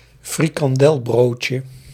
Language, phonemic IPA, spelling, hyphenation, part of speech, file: Dutch, /fri.kɑnˈdɛlˌbroːt.jə/, frikandelbroodje, fri‧kan‧del‧brood‧je, noun, Nl-frikandelbroodje.ogg
- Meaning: a roll of puff pastry containing a frikandel (sausage-like deep-fried snack containing mince), similar to a sausage roll, often topped with curry ketchup